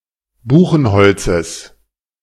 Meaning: genitive singular of Buchenholz
- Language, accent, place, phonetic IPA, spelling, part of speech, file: German, Germany, Berlin, [ˈbuːxn̩ˌhɔlt͡səs], Buchenholzes, noun, De-Buchenholzes.ogg